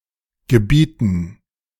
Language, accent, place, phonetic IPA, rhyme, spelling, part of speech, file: German, Germany, Berlin, [ɡəˈbiːtn̩], -iːtn̩, Gebieten, noun, De-Gebieten.ogg
- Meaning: dative plural of Gebiet